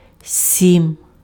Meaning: seven (7)
- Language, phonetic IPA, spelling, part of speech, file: Ukrainian, [sʲim], сім, numeral, Uk-сім.ogg